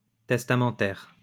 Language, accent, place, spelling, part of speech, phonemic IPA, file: French, France, Lyon, testamentaire, adjective, /tɛs.ta.mɑ̃.tɛʁ/, LL-Q150 (fra)-testamentaire.wav
- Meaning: testamentary